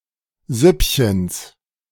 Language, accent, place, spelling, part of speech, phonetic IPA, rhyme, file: German, Germany, Berlin, Süppchens, noun, [ˈzʏpçəns], -ʏpçəns, De-Süppchens.ogg
- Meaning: genitive singular of Süppchen